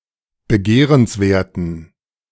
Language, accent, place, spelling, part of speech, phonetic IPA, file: German, Germany, Berlin, begehrenswerten, adjective, [bəˈɡeːʁənsˌveːɐ̯tn̩], De-begehrenswerten.ogg
- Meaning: inflection of begehrenswert: 1. strong genitive masculine/neuter singular 2. weak/mixed genitive/dative all-gender singular 3. strong/weak/mixed accusative masculine singular 4. strong dative plural